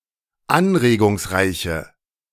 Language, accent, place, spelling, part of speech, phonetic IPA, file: German, Germany, Berlin, anregungsreiche, adjective, [ˈanʁeːɡʊŋsˌʁaɪ̯çə], De-anregungsreiche.ogg
- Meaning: inflection of anregungsreich: 1. strong/mixed nominative/accusative feminine singular 2. strong nominative/accusative plural 3. weak nominative all-gender singular